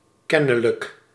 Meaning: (adjective) apparent; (adverb) apparently
- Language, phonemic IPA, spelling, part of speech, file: Dutch, /ˈkɛnələk/, kennelijk, adjective / adverb, Nl-kennelijk.ogg